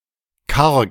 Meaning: 1. poor, scarce, not well equipped, not decorated (of a room) 2. barren, not lush, with little vegetation (of land)
- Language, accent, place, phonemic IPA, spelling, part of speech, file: German, Germany, Berlin, /kaʁk/, karg, adjective, De-karg.ogg